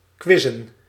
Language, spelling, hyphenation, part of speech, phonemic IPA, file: Dutch, quizzen, quiz‧zen, verb / noun, /ˈkʋɪ.zə(n)/, Nl-quizzen.ogg
- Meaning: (verb) to do a quiz; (noun) plural of quiz